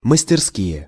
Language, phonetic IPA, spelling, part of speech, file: Russian, [məsʲtʲɪrˈskʲije], мастерские, noun, Ru-мастерские.ogg
- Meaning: nominative/accusative plural of мастерска́я (masterskája)